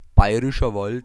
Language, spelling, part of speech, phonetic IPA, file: German, Bayerischer Wald, phrase, [ˈbaɪ̯ʁɪʃɐ valt], De-Bayerischer Wald.ogg
- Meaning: Bavarian Forest